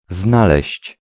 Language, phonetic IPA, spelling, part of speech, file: Polish, [ˈznalɛɕt͡ɕ], znaleźć, verb, Pl-znaleźć.ogg